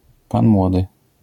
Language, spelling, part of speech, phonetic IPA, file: Polish, pan młody, noun, [ˈpãn ˈmwɔdɨ], LL-Q809 (pol)-pan młody.wav